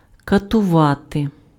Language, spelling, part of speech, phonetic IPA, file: Ukrainian, катувати, verb, [kɐtʊˈʋate], Uk-катувати.ogg
- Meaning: to torture